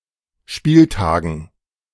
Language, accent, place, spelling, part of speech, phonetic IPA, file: German, Germany, Berlin, Spieltagen, noun, [ˈʃpiːlˌtaːɡn̩], De-Spieltagen.ogg
- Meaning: dative plural of Spieltag